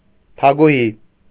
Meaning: queen
- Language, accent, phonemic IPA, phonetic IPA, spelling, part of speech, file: Armenian, Eastern Armenian, /tʰɑkʰuˈhi/, [tʰɑkʰuhí], թագուհի, noun, Hy-թագուհի.ogg